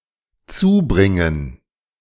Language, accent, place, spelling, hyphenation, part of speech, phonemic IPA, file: German, Germany, Berlin, zubringen, zu‧brin‧gen, verb, /ˈt͡suːˌbʁɪŋən/, De-zubringen.ogg
- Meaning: 1. to bring 2. to spend (time somewhere) 3. to be able to close